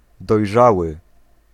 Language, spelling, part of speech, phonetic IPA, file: Polish, dojrzały, adjective, [dɔjˈʒawɨ], Pl-dojrzały.ogg